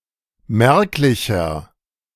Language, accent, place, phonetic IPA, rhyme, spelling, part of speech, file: German, Germany, Berlin, [ˈmɛʁklɪçɐ], -ɛʁklɪçɐ, merklicher, adjective, De-merklicher.ogg
- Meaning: inflection of merklich: 1. strong/mixed nominative masculine singular 2. strong genitive/dative feminine singular 3. strong genitive plural